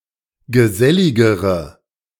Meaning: inflection of gesellig: 1. strong/mixed nominative/accusative feminine singular comparative degree 2. strong nominative/accusative plural comparative degree
- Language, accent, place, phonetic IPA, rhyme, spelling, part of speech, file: German, Germany, Berlin, [ɡəˈzɛlɪɡəʁə], -ɛlɪɡəʁə, geselligere, adjective, De-geselligere.ogg